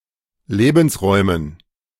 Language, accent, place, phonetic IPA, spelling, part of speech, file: German, Germany, Berlin, [ˈleːbn̩sˌʁɔɪ̯mən], Lebensräumen, noun, De-Lebensräumen.ogg
- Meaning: dative plural of Lebensraum